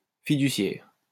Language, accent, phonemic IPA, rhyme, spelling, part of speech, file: French, France, /fi.dy.sjɛʁ/, -ɛʁ, fiduciaire, adjective / noun, LL-Q150 (fra)-fiduciaire.wav
- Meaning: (adjective) fiduciary; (noun) 1. trustee, fiduciary 2. fiduciary company, trust company